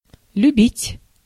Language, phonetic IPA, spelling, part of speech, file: Russian, [lʲʉˈbʲitʲ], любить, verb, Ru-любить.ogg
- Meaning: to love, to like, to be fond of, to grow fond of (more intensely than нра́виться (nrávitʹsja))